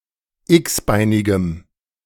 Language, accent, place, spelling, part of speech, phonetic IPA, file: German, Germany, Berlin, x-beinigem, adjective, [ˈɪksˌbaɪ̯nɪɡəm], De-x-beinigem.ogg
- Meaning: strong dative masculine/neuter singular of x-beinig